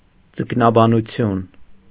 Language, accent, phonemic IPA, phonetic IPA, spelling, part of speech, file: Armenian, Eastern Armenian, /d͡zəknɑbɑnuˈtʰjun/, [d͡zəknɑbɑnut͡sʰjún], ձկնաբանություն, noun, Hy-ձկնաբանություն.ogg
- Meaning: ichthyology